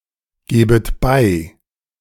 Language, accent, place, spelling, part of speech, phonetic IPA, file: German, Germany, Berlin, gebet bei, verb, [ˌɡeːbət ˈbaɪ̯], De-gebet bei.ogg
- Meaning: second-person plural subjunctive I of beigeben